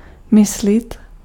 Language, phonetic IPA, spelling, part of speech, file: Czech, [ˈmɪslɪt], myslit, verb, Cs-myslit.ogg
- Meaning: alternative form of myslet